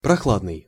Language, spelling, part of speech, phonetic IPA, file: Russian, прохладный, adjective, [prɐˈxɫadnɨj], Ru-прохладный.ogg
- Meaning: cool, chill (temperature)